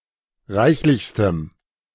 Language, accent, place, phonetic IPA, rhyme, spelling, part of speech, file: German, Germany, Berlin, [ˈʁaɪ̯çlɪçstəm], -aɪ̯çlɪçstəm, reichlichstem, adjective, De-reichlichstem.ogg
- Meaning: strong dative masculine/neuter singular superlative degree of reichlich